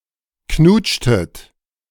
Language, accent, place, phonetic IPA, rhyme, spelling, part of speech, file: German, Germany, Berlin, [ˈknuːt͡ʃtət], -uːt͡ʃtət, knutschtet, verb, De-knutschtet.ogg
- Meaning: inflection of knutschen: 1. second-person plural preterite 2. second-person plural subjunctive II